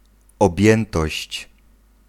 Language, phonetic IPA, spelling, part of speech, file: Polish, [ɔbʲˈjɛ̃ntɔɕt͡ɕ], objętość, noun, Pl-objętość.ogg